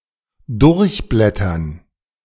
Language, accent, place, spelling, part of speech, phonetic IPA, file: German, Germany, Berlin, durchblättern, verb, [ˈdʊʁçˌblɛtɐn], De-durchblättern.ogg
- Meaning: to leaf through, thumb through (a book etc.)